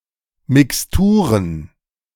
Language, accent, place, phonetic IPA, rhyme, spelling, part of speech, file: German, Germany, Berlin, [mɪksˈtuːʁən], -uːʁən, Mixturen, noun, De-Mixturen.ogg
- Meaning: plural of Mixtur